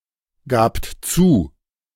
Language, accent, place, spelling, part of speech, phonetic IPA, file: German, Germany, Berlin, gabt zu, verb, [ˌɡaːpt ˈt͡suː], De-gabt zu.ogg
- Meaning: second-person plural preterite of zugeben